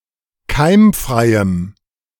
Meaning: strong dative masculine/neuter singular of keimfrei
- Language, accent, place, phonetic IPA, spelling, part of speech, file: German, Germany, Berlin, [ˈkaɪ̯mˌfʁaɪ̯əm], keimfreiem, adjective, De-keimfreiem.ogg